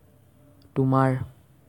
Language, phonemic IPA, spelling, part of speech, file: Assamese, /tʊ.mɑɹ/, তোমাৰ, pronoun, As-তোমাৰ.ogg
- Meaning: genitive of তুমি (tumi)